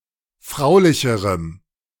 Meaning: strong dative masculine/neuter singular comparative degree of fraulich
- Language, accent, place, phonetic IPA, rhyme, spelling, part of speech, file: German, Germany, Berlin, [ˈfʁaʊ̯lɪçəʁəm], -aʊ̯lɪçəʁəm, fraulicherem, adjective, De-fraulicherem.ogg